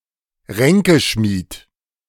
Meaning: plotter, schemer
- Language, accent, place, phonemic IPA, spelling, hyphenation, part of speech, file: German, Germany, Berlin, /ˈʁɛŋkəˌʃmiːt/, Ränkeschmied, Rän‧ke‧schmied, noun, De-Ränkeschmied.ogg